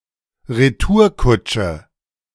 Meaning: 1. comeback, retort 2. coach hired for a roundtrip
- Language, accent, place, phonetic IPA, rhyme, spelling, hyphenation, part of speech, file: German, Germany, Berlin, [ʁeˈtuːɐ̯ˌkʊt͡ʃə], -ʊt͡ʃə, Retourkutsche, Re‧tour‧kut‧sche, noun, De-Retourkutsche.ogg